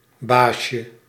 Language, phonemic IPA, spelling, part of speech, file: Dutch, /ˈbaʃə/, baasje, noun, Nl-baasje.ogg
- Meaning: 1. diminutive of baas 2. a boy, young male person 3. pet owner